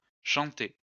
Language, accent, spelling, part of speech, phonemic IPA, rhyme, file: French, France, chantai, verb, /ʃɑ̃.te/, -e, LL-Q150 (fra)-chantai.wav
- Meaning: first-person singular past historic of chanter